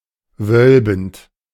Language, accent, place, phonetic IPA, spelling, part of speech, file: German, Germany, Berlin, [ˈvœlbn̩t], wölbend, verb, De-wölbend.ogg
- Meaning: present participle of wölben